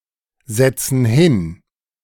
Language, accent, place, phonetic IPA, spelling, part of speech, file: German, Germany, Berlin, [ˌzɛt͡sn̩ ˈhɪn], setzen hin, verb, De-setzen hin.ogg
- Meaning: inflection of hinsetzen: 1. first/third-person plural present 2. first/third-person plural subjunctive I